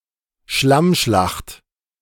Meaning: mudslinging
- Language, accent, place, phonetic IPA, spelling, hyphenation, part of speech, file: German, Germany, Berlin, [ˈʃlamˌʃlaχt], Schlammschlacht, Schlamm‧schlacht, noun, De-Schlammschlacht.ogg